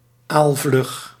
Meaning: 1. quick as an eel 2. elusive, hard to catch
- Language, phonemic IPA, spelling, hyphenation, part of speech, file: Dutch, /aːlˈvlʏx/, aalvlug, aal‧vlug, adjective, Nl-aalvlug.ogg